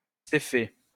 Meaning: Cepheus
- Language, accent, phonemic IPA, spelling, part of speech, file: French, France, /se.fe/, Céphée, proper noun, LL-Q150 (fra)-Céphée.wav